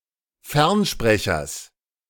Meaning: genitive singular of Fernsprecher
- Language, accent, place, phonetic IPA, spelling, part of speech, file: German, Germany, Berlin, [ˈfɛʁnˌʃpʁɛçɐs], Fernsprechers, noun, De-Fernsprechers.ogg